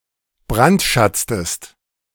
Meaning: inflection of brandschatzen: 1. second-person singular preterite 2. second-person singular subjunctive II
- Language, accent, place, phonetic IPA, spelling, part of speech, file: German, Germany, Berlin, [ˈbʁantˌʃat͡stəst], brandschatztest, verb, De-brandschatztest.ogg